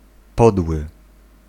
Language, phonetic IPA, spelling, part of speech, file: Polish, [ˈpɔdwɨ], podły, adjective, Pl-podły.ogg